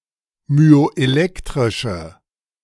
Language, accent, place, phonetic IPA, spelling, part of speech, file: German, Germany, Berlin, [myoʔeˈlɛktʁɪʃə], myoelektrische, adjective, De-myoelektrische.ogg
- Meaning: inflection of myoelektrisch: 1. strong/mixed nominative/accusative feminine singular 2. strong nominative/accusative plural 3. weak nominative all-gender singular